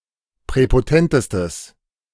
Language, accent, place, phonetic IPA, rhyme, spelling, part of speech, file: German, Germany, Berlin, [pʁɛpoˈtɛntəstəs], -ɛntəstəs, präpotentestes, adjective, De-präpotentestes.ogg
- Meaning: strong/mixed nominative/accusative neuter singular superlative degree of präpotent